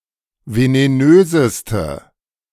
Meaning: inflection of venenös: 1. strong/mixed nominative/accusative feminine singular superlative degree 2. strong nominative/accusative plural superlative degree
- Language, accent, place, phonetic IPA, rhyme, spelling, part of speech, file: German, Germany, Berlin, [veneˈnøːzəstə], -øːzəstə, venenöseste, adjective, De-venenöseste.ogg